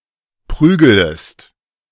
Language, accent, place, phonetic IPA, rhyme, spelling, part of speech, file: German, Germany, Berlin, [ˈpʁyːɡələst], -yːɡələst, prügelest, verb, De-prügelest.ogg
- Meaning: second-person singular subjunctive I of prügeln